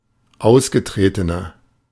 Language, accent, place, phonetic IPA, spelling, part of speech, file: German, Germany, Berlin, [ˈaʊ̯sɡəˌtʁeːtənɐ], ausgetretener, adjective, De-ausgetretener.ogg
- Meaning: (adjective) 1. comparative degree of ausgetreten 2. inflection of ausgetreten: strong/mixed nominative masculine singular 3. inflection of ausgetreten: strong genitive/dative feminine singular